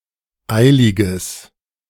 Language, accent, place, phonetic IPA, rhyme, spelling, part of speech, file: German, Germany, Berlin, [ˈaɪ̯lɪɡəs], -aɪ̯lɪɡəs, eiliges, adjective, De-eiliges.ogg
- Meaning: strong/mixed nominative/accusative neuter singular of eilig